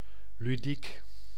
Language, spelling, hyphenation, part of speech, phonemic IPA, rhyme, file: Dutch, ludiek, lu‧diek, adjective, /lyˈdik/, -ik, Nl-ludiek.ogg
- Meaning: 1. ludic, playful 2. playful in form, but relating to serious matters or serious in intent